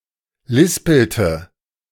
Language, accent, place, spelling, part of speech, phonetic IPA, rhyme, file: German, Germany, Berlin, lispelte, verb, [ˈlɪspl̩tə], -ɪspl̩tə, De-lispelte.ogg
- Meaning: inflection of lispeln: 1. first/third-person singular preterite 2. first/third-person singular subjunctive II